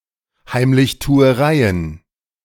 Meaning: plural of Heimlichtuerei
- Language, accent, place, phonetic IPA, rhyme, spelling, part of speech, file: German, Germany, Berlin, [haɪ̯mlɪçtuːəˈʁaɪ̯ən], -aɪ̯ən, Heimlichtuereien, noun, De-Heimlichtuereien.ogg